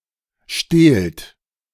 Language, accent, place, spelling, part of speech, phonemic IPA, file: German, Germany, Berlin, stehlt, verb, /ʃteːlt/, De-stehlt.ogg
- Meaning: inflection of stehlen: 1. second-person plural present 2. plural imperative